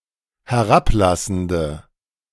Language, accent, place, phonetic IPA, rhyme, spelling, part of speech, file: German, Germany, Berlin, [hɛˈʁapˌlasn̩də], -aplasn̩də, herablassende, adjective, De-herablassende.ogg
- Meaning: inflection of herablassend: 1. strong/mixed nominative/accusative feminine singular 2. strong nominative/accusative plural 3. weak nominative all-gender singular